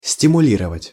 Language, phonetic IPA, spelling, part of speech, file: Russian, [sʲtʲɪmʊˈlʲirəvətʲ], стимулировать, verb, Ru-стимулировать.ogg
- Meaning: to stimulate